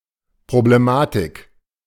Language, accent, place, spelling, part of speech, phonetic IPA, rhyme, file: German, Germany, Berlin, Problematik, noun, [pʁobleˈmaːtɪk], -aːtɪk, De-Problematik.ogg
- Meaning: problematics (problems, set of problems, problematic aspect or concern)